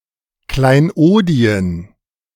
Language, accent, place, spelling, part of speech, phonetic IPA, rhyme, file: German, Germany, Berlin, Kleinodien, noun, [klaɪ̯nˈʔoːdi̯ən], -oːdi̯ən, De-Kleinodien.ogg
- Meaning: plural of Kleinod